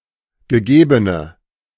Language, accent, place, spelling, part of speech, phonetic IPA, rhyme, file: German, Germany, Berlin, gegebene, adjective, [ɡəˈɡeːbənə], -eːbənə, De-gegebene.ogg
- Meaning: inflection of gegeben: 1. strong/mixed nominative/accusative feminine singular 2. strong nominative/accusative plural 3. weak nominative all-gender singular 4. weak accusative feminine/neuter singular